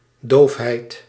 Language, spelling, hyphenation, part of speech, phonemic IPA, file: Dutch, doofheid, doof‧heid, noun, /ˈdoːf.ɦɛi̯t/, Nl-doofheid.ogg
- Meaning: deafness